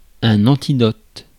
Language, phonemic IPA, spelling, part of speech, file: French, /ɑ̃.ti.dɔt/, antidote, noun, Fr-antidote.ogg
- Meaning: antidote